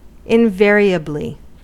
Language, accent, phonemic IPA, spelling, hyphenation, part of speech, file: English, US, /ɪnˈvɛɹ.i.ə.bli/, invariably, in‧va‧ri‧ably, adverb, En-us-invariably.ogg
- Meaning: Every time; always, without change and without exception